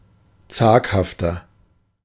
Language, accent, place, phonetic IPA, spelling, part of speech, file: German, Germany, Berlin, [ˈt͡saːkhaftɐ], zaghafter, adjective, De-zaghafter.ogg
- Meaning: 1. comparative degree of zaghaft 2. inflection of zaghaft: strong/mixed nominative masculine singular 3. inflection of zaghaft: strong genitive/dative feminine singular